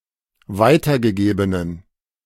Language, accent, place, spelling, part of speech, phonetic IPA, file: German, Germany, Berlin, weitergegebenen, adjective, [ˈvaɪ̯tɐɡəˌɡeːbənən], De-weitergegebenen.ogg
- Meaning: inflection of weitergegeben: 1. strong genitive masculine/neuter singular 2. weak/mixed genitive/dative all-gender singular 3. strong/weak/mixed accusative masculine singular 4. strong dative plural